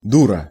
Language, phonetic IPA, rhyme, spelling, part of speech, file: Russian, [ˈdurə], -urə, дура, noun, Ru-дура.ogg
- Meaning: imbecile, fool, simpleton, idiot (stupid woman with poor judgment)